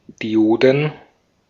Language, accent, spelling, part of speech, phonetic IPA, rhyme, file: German, Austria, Dioden, noun, [diˈʔoːdn̩], -oːdn̩, De-at-Dioden.ogg
- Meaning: plural of Diode